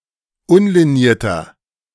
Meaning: inflection of unliniert: 1. strong/mixed nominative masculine singular 2. strong genitive/dative feminine singular 3. strong genitive plural
- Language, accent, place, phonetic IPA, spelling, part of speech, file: German, Germany, Berlin, [ˈʊnliˌniːɐ̯tɐ], unlinierter, adjective, De-unlinierter.ogg